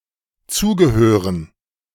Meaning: to belong to
- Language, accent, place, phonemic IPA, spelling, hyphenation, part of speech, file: German, Germany, Berlin, /ˈt͡suːɡəˌhøːʁən/, zugehören, zu‧ge‧hö‧ren, verb, De-zugehören.ogg